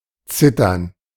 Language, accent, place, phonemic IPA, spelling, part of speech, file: German, Germany, Berlin, /ˈt͡sɪtɐn/, zittern, verb, De-zittern.ogg
- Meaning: to shiver, to tremble, to vibrate